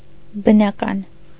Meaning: natural
- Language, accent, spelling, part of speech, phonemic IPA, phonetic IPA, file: Armenian, Eastern Armenian, բնական, adjective, /bənɑˈkɑn/, [bənɑkɑ́n], Hy-բնական.ogg